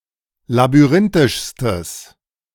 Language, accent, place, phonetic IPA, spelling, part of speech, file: German, Germany, Berlin, [labyˈʁɪntɪʃstəs], labyrinthischstes, adjective, De-labyrinthischstes.ogg
- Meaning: strong/mixed nominative/accusative neuter singular superlative degree of labyrinthisch